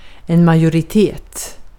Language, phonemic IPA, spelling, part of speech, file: Swedish, /majorɪˈteːt/, majoritet, noun, Sv-majoritet.ogg
- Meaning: 1. majority 2. An alliance or grouping of political parties that holds a majority of seats in a decision-making body (e.g., a municipal council or parliament), and thereby forms the ruling majority